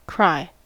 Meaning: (verb) 1. To shed tears; to weep, especially in anger or sadness 2. To utter loudly; to call out; to declare publicly 3. To shout, scream, yell
- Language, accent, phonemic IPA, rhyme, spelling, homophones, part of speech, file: English, General American, /kɹaɪ/, -aɪ, cry, krai, verb / noun, En-us-cry.ogg